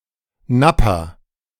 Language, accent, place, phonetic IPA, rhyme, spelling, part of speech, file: German, Germany, Berlin, [ˈnapa], -apa, Nappa, noun, De-Nappa.ogg
- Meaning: nappa leather, napa leather